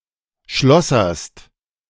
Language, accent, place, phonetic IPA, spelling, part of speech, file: German, Germany, Berlin, [ˈʃlɔsɐst], schlosserst, verb, De-schlosserst.ogg
- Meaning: second-person singular present of schlossern